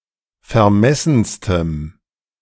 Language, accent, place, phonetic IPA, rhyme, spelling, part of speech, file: German, Germany, Berlin, [fɛɐ̯ˈmɛsn̩stəm], -ɛsn̩stəm, vermessenstem, adjective, De-vermessenstem.ogg
- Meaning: strong dative masculine/neuter singular superlative degree of vermessen